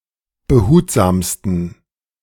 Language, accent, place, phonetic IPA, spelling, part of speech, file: German, Germany, Berlin, [bəˈhuːtzaːmstn̩], behutsamsten, adjective, De-behutsamsten.ogg
- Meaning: 1. superlative degree of behutsam 2. inflection of behutsam: strong genitive masculine/neuter singular superlative degree